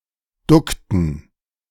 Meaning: inflection of ducken: 1. first/third-person plural preterite 2. first/third-person plural subjunctive II
- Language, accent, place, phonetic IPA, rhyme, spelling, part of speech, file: German, Germany, Berlin, [ˈdʊktn̩], -ʊktn̩, duckten, verb, De-duckten.ogg